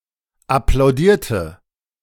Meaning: inflection of applaudieren: 1. first/third-person singular preterite 2. first/third-person singular subjunctive II
- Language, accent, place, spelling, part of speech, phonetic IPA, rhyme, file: German, Germany, Berlin, applaudierte, verb, [aplaʊ̯ˈdiːɐ̯tə], -iːɐ̯tə, De-applaudierte.ogg